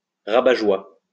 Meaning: killjoy, spoilsport, wet blanket
- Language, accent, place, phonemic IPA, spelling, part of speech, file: French, France, Lyon, /ʁa.ba.ʒwa/, rabat-joie, noun, LL-Q150 (fra)-rabat-joie.wav